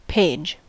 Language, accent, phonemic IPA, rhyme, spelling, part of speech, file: English, US, /peɪd͡ʒ/, -eɪdʒ, page, noun / verb, En-us-page.ogg
- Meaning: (noun) 1. One of the many pieces of paper bound together within a book or similar document 2. One side of a paper leaf in a bound document 3. A collective memory; noteworthy event; memorable episode